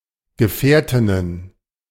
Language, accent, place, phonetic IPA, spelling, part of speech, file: German, Germany, Berlin, [ɡəˈfɛːɐ̯tɪnən], Gefährtinnen, noun, De-Gefährtinnen.ogg
- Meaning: plural of Gefährtin